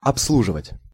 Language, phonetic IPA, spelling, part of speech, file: Russian, [ɐpsˈɫuʐɨvətʲ], обслуживать, verb, Ru-обслуживать.ogg
- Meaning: 1. to serve, to attend to, to wait on 2. to maintain, to service (e.g. equipment) 3. to cater for, to supply (for)